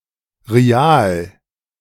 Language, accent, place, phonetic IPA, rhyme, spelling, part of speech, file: German, Germany, Berlin, [ʁiˈaːl], -aːl, Rial, noun, De-Rial.ogg
- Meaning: rial (currency of various countries)